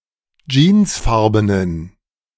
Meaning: inflection of jeansfarben: 1. strong genitive masculine/neuter singular 2. weak/mixed genitive/dative all-gender singular 3. strong/weak/mixed accusative masculine singular 4. strong dative plural
- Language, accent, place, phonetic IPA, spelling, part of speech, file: German, Germany, Berlin, [ˈd͡ʒiːnsˌfaʁbənən], jeansfarbenen, adjective, De-jeansfarbenen.ogg